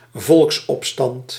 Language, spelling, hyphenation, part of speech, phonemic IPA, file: Dutch, volksopstand, volks‧op‧stand, noun, /ˈvɔlks.ɔpˌstɑnt/, Nl-volksopstand.ogg
- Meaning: popular uprising